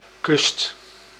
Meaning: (noun) 1. the shoreline 2. the coast, seaside 3. a coastal region 4. a border, seem, edge, fringe etc 5. a choice, choosing 6. something chosen
- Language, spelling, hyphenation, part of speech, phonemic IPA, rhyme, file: Dutch, kust, kust, noun / verb, /kʏst/, -ʏst, Nl-kust.ogg